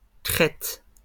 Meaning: plural of crête
- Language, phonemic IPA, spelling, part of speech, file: French, /kʁɛt/, crêtes, noun, LL-Q150 (fra)-crêtes.wav